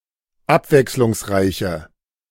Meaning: inflection of abwechslungsreich: 1. strong/mixed nominative/accusative feminine singular 2. strong nominative/accusative plural 3. weak nominative all-gender singular
- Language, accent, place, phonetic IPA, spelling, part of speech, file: German, Germany, Berlin, [ˈapvɛkslʊŋsˌʁaɪ̯çə], abwechslungsreiche, adjective, De-abwechslungsreiche.ogg